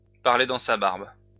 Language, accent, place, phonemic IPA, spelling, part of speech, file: French, France, Lyon, /paʁ.le dɑ̃ sa baʁb/, parler dans sa barbe, verb, LL-Q150 (fra)-parler dans sa barbe.wav
- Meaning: to talk under one's breath, to mutter, to mumble